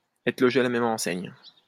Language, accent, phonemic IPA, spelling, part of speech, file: French, France, /ɛ.tʁə lɔ.ʒe a la mɛ.m‿ɑ̃.sɛɲ/, être logé à la même enseigne, verb, LL-Q150 (fra)-être logé à la même enseigne.wav
- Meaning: to be treated in the same way, to be treated alike, to receive the same treatment, to be given equal treatment, to enjoy the same conditions